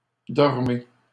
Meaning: inflection of dormir: 1. second-person plural present indicative 2. second-person plural imperative
- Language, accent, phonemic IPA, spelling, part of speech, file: French, Canada, /dɔʁ.me/, dormez, verb, LL-Q150 (fra)-dormez.wav